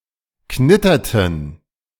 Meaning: inflection of knittern: 1. first/third-person plural preterite 2. first/third-person plural subjunctive II
- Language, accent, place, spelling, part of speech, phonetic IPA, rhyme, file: German, Germany, Berlin, knitterten, verb, [ˈknɪtɐtn̩], -ɪtɐtn̩, De-knitterten.ogg